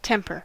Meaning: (noun) 1. A general tendency or orientation towards a certain type of mood, a volatile state; a habitual way of thinking, behaving or reacting 2. State of mind; mood 3. A tendency to become angry
- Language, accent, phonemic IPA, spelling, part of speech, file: English, US, /ˈtɛmpɚ/, temper, noun / verb, En-us-temper.ogg